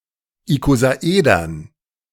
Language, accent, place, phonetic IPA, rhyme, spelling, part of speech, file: German, Germany, Berlin, [ikozaˈʔeːdɐn], -eːdɐn, Ikosaedern, noun, De-Ikosaedern.ogg
- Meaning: dative plural of Ikosaeder